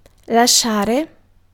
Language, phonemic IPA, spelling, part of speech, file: Italian, /laˈʃʃaːre/, lasciare, verb, It-lasciare.ogg